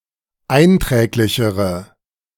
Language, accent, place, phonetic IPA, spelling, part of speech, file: German, Germany, Berlin, [ˈaɪ̯nˌtʁɛːklɪçəʁə], einträglichere, adjective, De-einträglichere.ogg
- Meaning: inflection of einträglich: 1. strong/mixed nominative/accusative feminine singular comparative degree 2. strong nominative/accusative plural comparative degree